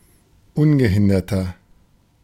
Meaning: 1. comparative degree of ungehindert 2. inflection of ungehindert: strong/mixed nominative masculine singular 3. inflection of ungehindert: strong genitive/dative feminine singular
- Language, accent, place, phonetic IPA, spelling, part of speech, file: German, Germany, Berlin, [ˈʊnɡəˌhɪndɐtɐ], ungehinderter, adjective, De-ungehinderter.ogg